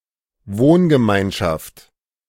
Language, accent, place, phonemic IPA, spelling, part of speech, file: German, Germany, Berlin, /ˈvoːnɡəˌmaɪ̯nʃaft/, Wohngemeinschaft, noun, De-Wohngemeinschaft.ogg
- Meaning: apartment-sharing community